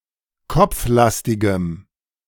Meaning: strong dative masculine/neuter singular of kopflastig
- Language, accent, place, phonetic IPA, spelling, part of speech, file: German, Germany, Berlin, [ˈkɔp͡fˌlastɪɡəm], kopflastigem, adjective, De-kopflastigem.ogg